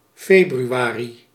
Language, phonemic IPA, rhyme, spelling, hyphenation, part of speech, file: Dutch, /ˌfeː.bryˈaː.ri/, -aːri, februari, fe‧bru‧a‧ri, noun, Nl-februari.ogg
- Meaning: February